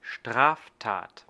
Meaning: criminal offence
- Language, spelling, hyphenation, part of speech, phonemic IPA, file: German, Straftat, Straf‧tat, noun, /ˈʃtʁaːfˌtaːt/, De-Straftat.ogg